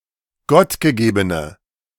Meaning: inflection of gottgegeben: 1. strong/mixed nominative/accusative feminine singular 2. strong nominative/accusative plural 3. weak nominative all-gender singular
- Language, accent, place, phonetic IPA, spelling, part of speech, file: German, Germany, Berlin, [ˈɡɔtɡəˌɡeːbənə], gottgegebene, adjective, De-gottgegebene.ogg